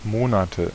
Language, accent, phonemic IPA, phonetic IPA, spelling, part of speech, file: German, Germany, /ˈmoːnatə/, [ˈmoːnatʰə], Monate, noun, De-Monate.ogg
- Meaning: 1. nominative/accusative/genitive plural of Monat 2. dative singular of Monat